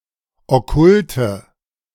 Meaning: inflection of okkult: 1. strong/mixed nominative/accusative feminine singular 2. strong nominative/accusative plural 3. weak nominative all-gender singular 4. weak accusative feminine/neuter singular
- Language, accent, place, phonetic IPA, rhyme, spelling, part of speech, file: German, Germany, Berlin, [ɔˈkʊltə], -ʊltə, okkulte, adjective, De-okkulte.ogg